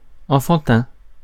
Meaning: 1. childlike, childish 2. child's, for children
- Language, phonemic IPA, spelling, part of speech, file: French, /ɑ̃.fɑ̃.tɛ̃/, enfantin, adjective, Fr-enfantin.ogg